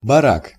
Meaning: bunkhouse, barrack
- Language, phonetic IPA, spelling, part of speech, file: Russian, [bɐˈrak], барак, noun, Ru-барак.ogg